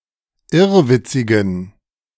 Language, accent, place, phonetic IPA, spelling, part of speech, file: German, Germany, Berlin, [ˈɪʁvɪt͡sɪɡn̩], irrwitzigen, adjective, De-irrwitzigen.ogg
- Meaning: inflection of irrwitzig: 1. strong genitive masculine/neuter singular 2. weak/mixed genitive/dative all-gender singular 3. strong/weak/mixed accusative masculine singular 4. strong dative plural